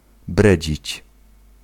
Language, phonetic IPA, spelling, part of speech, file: Polish, [ˈbrɛd͡ʑit͡ɕ], bredzić, verb, Pl-bredzić.ogg